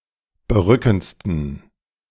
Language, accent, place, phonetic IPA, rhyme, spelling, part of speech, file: German, Germany, Berlin, [bəˈʁʏkn̩t͡stən], -ʏkn̩t͡stən, berückendsten, adjective, De-berückendsten.ogg
- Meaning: 1. superlative degree of berückend 2. inflection of berückend: strong genitive masculine/neuter singular superlative degree